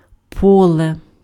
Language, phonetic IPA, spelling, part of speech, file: Ukrainian, [ˈpɔɫe], поле, noun, Uk-поле.ogg
- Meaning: field